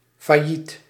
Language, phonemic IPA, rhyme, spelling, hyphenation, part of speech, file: Dutch, /faːˈjit/, -it, failliet, fail‧liet, adjective / noun, Nl-failliet.ogg
- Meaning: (adjective) bankrupt; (noun) 1. bankruptcy 2. bankruptcy, failure 3. bankrupt person